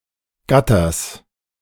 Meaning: genitive singular of Gatter
- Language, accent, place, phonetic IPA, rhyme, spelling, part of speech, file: German, Germany, Berlin, [ˈɡatɐs], -atɐs, Gatters, noun, De-Gatters.ogg